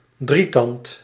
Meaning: trident
- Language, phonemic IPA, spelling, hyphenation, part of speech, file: Dutch, /ˈdri.tɑnt/, drietand, drie‧tand, noun, Nl-drietand.ogg